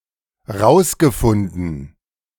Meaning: past participle of rausfinden (“found, found out”)
- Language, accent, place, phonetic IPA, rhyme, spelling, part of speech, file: German, Germany, Berlin, [ˈʁaʊ̯sɡəˌfʊndn̩], -aʊ̯sɡəfʊndn̩, rausgefunden, verb, De-rausgefunden.ogg